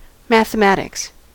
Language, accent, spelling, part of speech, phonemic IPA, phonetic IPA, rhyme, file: English, US, mathematics, noun, /mæθ(.ə)ˈmæt.ɪks/, [mæθ(.ə)ˈmæɾ.ɪks], -ætɪks, En-us-mathematics.ogg
- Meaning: An abstract representational system studying numbers, shapes, structures, quantitative change and relationships between them